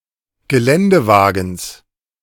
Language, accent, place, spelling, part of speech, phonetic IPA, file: German, Germany, Berlin, Geländewagens, noun, [ɡəˈlɛndəˌvaːɡn̩s], De-Geländewagens.ogg
- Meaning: genitive singular of Geländewagen